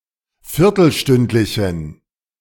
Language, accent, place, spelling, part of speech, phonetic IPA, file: German, Germany, Berlin, viertelstündlichen, adjective, [ˈfɪʁtl̩ˌʃtʏntlɪçn̩], De-viertelstündlichen.ogg
- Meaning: inflection of viertelstündlich: 1. strong genitive masculine/neuter singular 2. weak/mixed genitive/dative all-gender singular 3. strong/weak/mixed accusative masculine singular